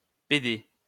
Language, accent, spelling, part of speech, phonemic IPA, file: French, France, PD, noun, /pe.de/, LL-Q150 (fra)-PD.wav
- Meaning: alternative form of pédé